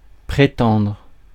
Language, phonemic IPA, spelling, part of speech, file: French, /pʁe.tɑ̃dʁ/, prétendre, verb, Fr-prétendre.ogg
- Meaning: 1. to claim, to allege 2. to expect, to consider necessary 3. to aim at, to set one's sights on 4. to claim 5. to pretend